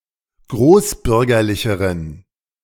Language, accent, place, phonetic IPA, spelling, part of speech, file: German, Germany, Berlin, [ˈɡʁoːsˌbʏʁɡɐlɪçəʁən], großbürgerlicheren, adjective, De-großbürgerlicheren.ogg
- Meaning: inflection of großbürgerlich: 1. strong genitive masculine/neuter singular comparative degree 2. weak/mixed genitive/dative all-gender singular comparative degree